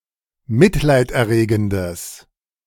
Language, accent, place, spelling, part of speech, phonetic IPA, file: German, Germany, Berlin, mitleiderregendes, adjective, [ˈmɪtlaɪ̯tʔɛɐ̯ˌʁeːɡn̩dəs], De-mitleiderregendes.ogg
- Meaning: strong/mixed nominative/accusative neuter singular of mitleiderregend